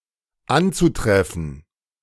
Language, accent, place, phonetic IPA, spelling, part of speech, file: German, Germany, Berlin, [ˈant͡suˌtʁɛfn̩], anzutreffen, verb, De-anzutreffen.ogg
- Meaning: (adjective) 1. encountered 2. common (frequently encountered); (verb) zu-infinitive of antreffen